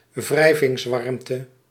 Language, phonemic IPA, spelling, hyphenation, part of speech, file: Dutch, /ˈvrɛi̯.vɪŋsˌʋɑrm.tə/, wrijvingswarmte, wrij‧vings‧warm‧te, noun, Nl-wrijvingswarmte.ogg
- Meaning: heat produced by friction